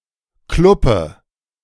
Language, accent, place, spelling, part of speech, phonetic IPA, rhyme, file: German, Germany, Berlin, Kluppe, noun, [ˈklʊpə], -ʊpə, De-Kluppe.ogg
- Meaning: clothes peg, clothespin